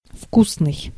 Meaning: tasty (having a pleasant flavor), yummy
- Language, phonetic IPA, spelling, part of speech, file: Russian, [ˈfkusnɨj], вкусный, adjective, Ru-вкусный.ogg